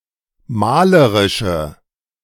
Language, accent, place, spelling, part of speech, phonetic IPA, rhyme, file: German, Germany, Berlin, malerische, adjective, [ˈmaːləʁɪʃə], -aːləʁɪʃə, De-malerische.ogg
- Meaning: inflection of malerisch: 1. strong/mixed nominative/accusative feminine singular 2. strong nominative/accusative plural 3. weak nominative all-gender singular